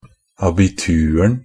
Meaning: definite singular of abitur
- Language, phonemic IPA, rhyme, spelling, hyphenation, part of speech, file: Norwegian Bokmål, /abɪˈtʉːrn̩/, -ʉːrn̩, abituren, a‧bi‧tur‧en, noun, NB - Pronunciation of Norwegian Bokmål «abituren».ogg